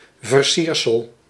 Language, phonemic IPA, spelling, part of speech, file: Dutch, /vərˈsirsəl/, versiersel, noun, Nl-versiersel.ogg
- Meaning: decoration, ornament